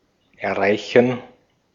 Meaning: 1. to reach (to attain by stretching) 2. to reach, to get to, to arrive at (a place) 3. to reach (to establish contact with) 4. to accomplish
- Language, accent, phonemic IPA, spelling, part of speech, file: German, Austria, /ɛɐ̯ˈʁaɪ̯çən/, erreichen, verb, De-at-erreichen.ogg